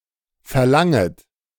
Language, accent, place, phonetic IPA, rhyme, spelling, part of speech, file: German, Germany, Berlin, [fɛɐ̯ˈlaŋət], -aŋət, verlanget, verb, De-verlanget.ogg
- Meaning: second-person plural subjunctive I of verlangen